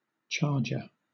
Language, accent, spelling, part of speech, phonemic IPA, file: English, Southern England, charger, noun, /ˈtʃɑːdʒə/, LL-Q1860 (eng)-charger.wav
- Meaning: 1. A device that charges or recharges 2. One who charges 3. A large horse trained for battle and used by the cavalry 4. A large platter